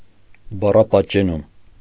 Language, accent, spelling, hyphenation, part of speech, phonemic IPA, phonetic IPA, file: Armenian, Eastern Armenian, բառապատճենում, բա‧ռա‧պատ‧ճե‧նում, noun, /bɑrɑpɑtt͡ʃeˈnum/, [bɑrɑpɑt̚t͡ʃenúm], Hy-բառապատճենում.ogg
- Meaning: calquing